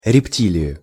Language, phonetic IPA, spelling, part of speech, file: Russian, [rʲɪpˈtʲilʲɪjʊ], рептилию, noun, Ru-рептилию.ogg
- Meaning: accusative singular of репти́лия (reptílija)